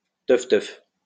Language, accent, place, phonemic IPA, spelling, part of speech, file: French, France, Lyon, /tœf.tœf/, teuf-teuf, noun, LL-Q150 (fra)-teuf-teuf.wav
- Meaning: clunker, banger (UK), hoopdie (an old or decrepit car)